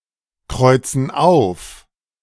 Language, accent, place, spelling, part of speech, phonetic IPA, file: German, Germany, Berlin, kreuzen auf, verb, [ˌkʁɔɪ̯t͡sn̩ ˈaʊ̯f], De-kreuzen auf.ogg
- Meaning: inflection of aufkreuzen: 1. first/third-person plural present 2. first/third-person plural subjunctive I